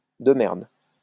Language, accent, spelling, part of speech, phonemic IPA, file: French, France, de merde, adjective, /də mɛʁd/, LL-Q150 (fra)-de merde.wav
- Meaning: 1. shit, shitty, crappy, lousy 2. fucking (as an intensifier), pesky, damned, bloody